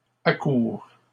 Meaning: first/third-person singular present subjunctive of accourir
- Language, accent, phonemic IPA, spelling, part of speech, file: French, Canada, /a.kuʁ/, accoure, verb, LL-Q150 (fra)-accoure.wav